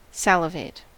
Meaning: 1. To produce saliva 2. To show eager anticipation at the expectation of something
- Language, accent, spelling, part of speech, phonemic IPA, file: English, US, salivate, verb, /ˈsæləveɪt/, En-us-salivate.ogg